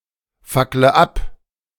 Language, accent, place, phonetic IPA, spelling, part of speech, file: German, Germany, Berlin, [ˌfaklə ˈap], fackle ab, verb, De-fackle ab.ogg
- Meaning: inflection of abfackeln: 1. first-person singular present 2. first/third-person singular subjunctive I 3. singular imperative